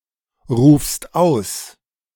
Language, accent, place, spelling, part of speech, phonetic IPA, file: German, Germany, Berlin, rufst aus, verb, [ˌʁuːfst ˈaʊ̯s], De-rufst aus.ogg
- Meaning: second-person singular present of ausrufen